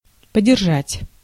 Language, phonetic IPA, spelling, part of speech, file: Russian, [pədʲɪrˈʐatʲ], подержать, verb, Ru-подержать.ogg
- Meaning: to hold, to keep, to support